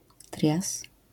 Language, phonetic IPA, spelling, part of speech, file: Polish, [trʲjas], trias, noun, LL-Q809 (pol)-trias.wav